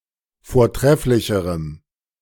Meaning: strong dative masculine/neuter singular comparative degree of vortrefflich
- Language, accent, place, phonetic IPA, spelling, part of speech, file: German, Germany, Berlin, [foːɐ̯ˈtʁɛflɪçəʁəm], vortrefflicherem, adjective, De-vortrefflicherem.ogg